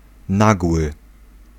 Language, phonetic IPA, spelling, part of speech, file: Polish, [ˈnaɡwɨ], nagły, adjective, Pl-nagły.ogg